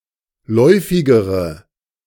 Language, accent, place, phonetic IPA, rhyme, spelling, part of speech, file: German, Germany, Berlin, [ˈlɔɪ̯fɪɡəʁə], -ɔɪ̯fɪɡəʁə, läufigere, adjective, De-läufigere.ogg
- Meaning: inflection of läufig: 1. strong/mixed nominative/accusative feminine singular comparative degree 2. strong nominative/accusative plural comparative degree